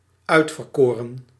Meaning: 1. chosen, elect, selected 2. perfect participle of uitverkiezen
- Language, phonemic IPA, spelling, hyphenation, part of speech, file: Dutch, /ˈœy̯t.vərˌkoː.rə(n)/, uitverkoren, uit‧ver‧ko‧ren, adjective, Nl-uitverkoren.ogg